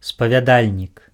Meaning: confessor (priest who hears confession)
- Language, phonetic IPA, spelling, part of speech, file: Belarusian, [spavʲaˈdalʲnʲik], спавядальнік, noun, Be-спавядальнік.ogg